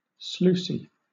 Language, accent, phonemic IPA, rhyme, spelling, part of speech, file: English, Southern England, /ˈsluːsi/, -uːsi, sluicy, adjective, LL-Q1860 (eng)-sluicy.wav
- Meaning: Falling copiously or in streams, as if from a sluice